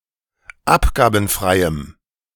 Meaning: strong dative masculine/neuter singular of abgabenfrei
- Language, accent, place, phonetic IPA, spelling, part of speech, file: German, Germany, Berlin, [ˈapɡaːbn̩fʁaɪ̯əm], abgabenfreiem, adjective, De-abgabenfreiem.ogg